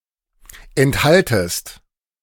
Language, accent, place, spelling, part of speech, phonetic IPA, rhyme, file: German, Germany, Berlin, enthaltest, verb, [ɛntˈhaltəst], -altəst, De-enthaltest.ogg
- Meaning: second-person singular subjunctive I of enthalten